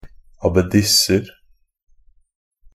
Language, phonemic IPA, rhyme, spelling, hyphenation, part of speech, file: Norwegian Bokmål, /ɑbeˈdɪsːər/, -ər, abbedisser, ab‧be‧dis‧ser, noun, NB - Pronunciation of Norwegian Bokmål «abbedisser».ogg
- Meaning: indefinite plural of abbedisse